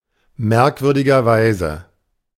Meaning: strangely enough, curiously enough, oddly enough
- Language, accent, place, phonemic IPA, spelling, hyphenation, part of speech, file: German, Germany, Berlin, /ˈmɛʁkvʏʁdɪɡɐˌvaɪ̯zə/, merkwürdigerweise, merk‧wür‧di‧ger‧wei‧se, adverb, De-merkwürdigerweise.ogg